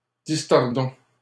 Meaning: inflection of distordre: 1. first-person plural present indicative 2. first-person plural imperative
- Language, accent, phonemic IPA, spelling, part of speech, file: French, Canada, /dis.tɔʁ.dɔ̃/, distordons, verb, LL-Q150 (fra)-distordons.wav